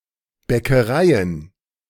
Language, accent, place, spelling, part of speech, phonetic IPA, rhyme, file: German, Germany, Berlin, Bäckereien, noun, [ˌbɛkəˈʁaɪ̯ən], -aɪ̯ən, De-Bäckereien.ogg
- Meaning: plural of Bäckerei